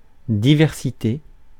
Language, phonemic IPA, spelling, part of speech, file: French, /di.vɛʁ.si.te/, diversité, noun, Fr-diversité.ogg
- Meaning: diversity